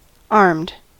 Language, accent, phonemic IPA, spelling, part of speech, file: English, US, /ɑɹmd/, armed, adjective / verb, En-us-armed.ogg
- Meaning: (adjective) 1. Equipped, especially with a weapon 2. Equipped, especially with a weapon.: Equipped with a gun 3. Prepared for use; loaded